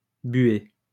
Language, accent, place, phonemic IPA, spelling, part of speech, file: French, France, Lyon, /bɥe/, buer, verb, LL-Q150 (fra)-buer.wav
- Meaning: to wash (clothing); to do the laundry